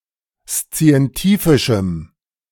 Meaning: strong dative masculine/neuter singular of szientifisch
- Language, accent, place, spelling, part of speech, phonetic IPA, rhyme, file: German, Germany, Berlin, szientifischem, adjective, [st͡si̯ɛnˈtiːfɪʃm̩], -iːfɪʃm̩, De-szientifischem.ogg